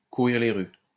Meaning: to abound, to be found in large amounts, to be widespread
- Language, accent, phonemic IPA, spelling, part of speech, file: French, France, /ku.ʁiʁ le ʁy/, courir les rues, verb, LL-Q150 (fra)-courir les rues.wav